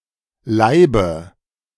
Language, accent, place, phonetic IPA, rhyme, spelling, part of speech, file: German, Germany, Berlin, [ˈlaɪ̯bə], -aɪ̯bə, Leibe, noun, De-Leibe.ogg
- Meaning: dative singular of Leib